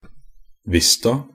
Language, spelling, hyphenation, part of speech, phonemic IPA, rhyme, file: Norwegian Bokmål, vista, vis‧ta, adverb, /ˈʋɪsta/, -ɪsta, NB - Pronunciation of Norwegian Bokmål «vista».ogg
- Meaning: 1. only used in a vista (“upon showing”) 2. only used in a prima vista (“sight-read”)